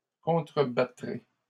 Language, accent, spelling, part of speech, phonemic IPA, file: French, Canada, contrebattrai, verb, /kɔ̃.tʁə.ba.tʁe/, LL-Q150 (fra)-contrebattrai.wav
- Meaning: first-person singular future of contrebattre